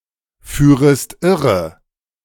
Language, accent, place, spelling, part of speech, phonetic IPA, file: German, Germany, Berlin, führest irre, verb, [ˌfyːʁəst ˈɪʁə], De-führest irre.ogg
- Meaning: second-person singular subjunctive I of irreführen